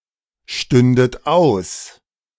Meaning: second-person plural subjunctive II of ausstehen
- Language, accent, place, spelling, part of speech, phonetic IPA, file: German, Germany, Berlin, stündet aus, verb, [ˌʃtʏndət ˈaʊ̯s], De-stündet aus.ogg